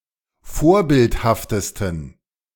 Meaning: 1. superlative degree of vorbildhaft 2. inflection of vorbildhaft: strong genitive masculine/neuter singular superlative degree
- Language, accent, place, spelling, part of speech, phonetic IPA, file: German, Germany, Berlin, vorbildhaftesten, adjective, [ˈfoːɐ̯ˌbɪlthaftəstn̩], De-vorbildhaftesten.ogg